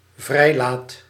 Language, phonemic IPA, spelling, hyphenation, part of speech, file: Dutch, /ˈvrɛi̯.laːt/, vrijlaat, vrij‧laat, noun / verb, Nl-vrijlaat.ogg
- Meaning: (noun) a freed serf, a freedman; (verb) first/second/third-person singular dependent-clause present indicative of vrijlaten